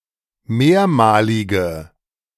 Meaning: inflection of mehrmalig: 1. strong/mixed nominative/accusative feminine singular 2. strong nominative/accusative plural 3. weak nominative all-gender singular
- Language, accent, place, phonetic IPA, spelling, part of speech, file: German, Germany, Berlin, [ˈmeːɐ̯maːlɪɡə], mehrmalige, adjective, De-mehrmalige.ogg